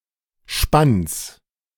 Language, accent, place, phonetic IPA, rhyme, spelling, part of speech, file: German, Germany, Berlin, [ʃpans], -ans, Spanns, noun, De-Spanns.ogg
- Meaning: genitive singular of Spann